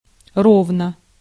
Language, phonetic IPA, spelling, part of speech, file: Russian, [ˈrovnə], ровно, adverb / adjective / conjunction / particle, Ru-ровно.ogg
- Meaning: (adverb) 1. smoothly 2. evenly, regularly, uniformly 3. sharp, exactly, precisely; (adjective) short neuter singular of ро́вный (róvnyj)